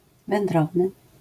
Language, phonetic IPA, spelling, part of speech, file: Polish, [vɛ̃nˈdrɔvnɨ], wędrowny, adjective, LL-Q809 (pol)-wędrowny.wav